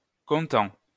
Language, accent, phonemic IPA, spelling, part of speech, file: French, France, /kɔ̃.tɑ̃/, comptant, verb / adjective / noun / adverb, LL-Q150 (fra)-comptant.wav
- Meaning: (verb) present participle of compter; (adverb) cash